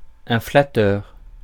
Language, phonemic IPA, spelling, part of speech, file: French, /fla.tœʁ/, flatteur, adjective / noun, Fr-flatteur.ogg
- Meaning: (adjective) flattering; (noun) flatterer (one who flatters)